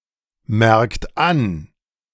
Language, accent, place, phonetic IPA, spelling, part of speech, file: German, Germany, Berlin, [ˌmɛʁkt ˈan], merkt an, verb, De-merkt an.ogg
- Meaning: inflection of anmerken: 1. third-person singular present 2. second-person plural present 3. plural imperative